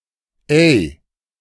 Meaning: 1. Used to call someone's attention, or as an intensifier when placed at the end 2. Expresses indignation or disgust; oi
- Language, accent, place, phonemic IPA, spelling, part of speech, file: German, Germany, Berlin, /ɛɪ̯/, ey, interjection, De-ey.ogg